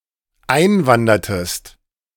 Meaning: inflection of einwandern: 1. second-person singular dependent preterite 2. second-person singular dependent subjunctive II
- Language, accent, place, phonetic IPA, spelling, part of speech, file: German, Germany, Berlin, [ˈaɪ̯nˌvandɐtəst], einwandertest, verb, De-einwandertest.ogg